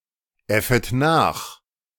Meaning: second-person plural subjunctive I of nachäffen
- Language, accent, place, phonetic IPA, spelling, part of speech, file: German, Germany, Berlin, [ˌɛfət ˈnaːx], äffet nach, verb, De-äffet nach.ogg